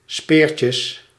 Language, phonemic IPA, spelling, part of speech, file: Dutch, /ˈspɪːrcjəs/, speertjes, noun, Nl-speertjes.ogg
- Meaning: plural of speertje